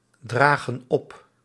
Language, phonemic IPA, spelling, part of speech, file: Dutch, /ˈdraɣə(n) ˈɔp/, dragen op, verb, Nl-dragen op.ogg
- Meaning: inflection of opdragen: 1. plural present indicative 2. plural present subjunctive